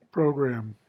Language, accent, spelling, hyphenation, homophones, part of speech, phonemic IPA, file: English, US, program, pro‧gram, programme, noun / verb, /ˈpɹoʊ̯ˌɡɹæm/, En-us-program.ogg
- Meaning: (noun) 1. A set of structured activities; a plan of action 2. A leaflet listing information about a play, game or other activity